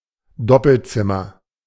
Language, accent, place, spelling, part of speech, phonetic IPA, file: German, Germany, Berlin, Doppelzimmer, noun, [ˈdɔpl̩ˌt͡sɪmɐ], De-Doppelzimmer.ogg
- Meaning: double room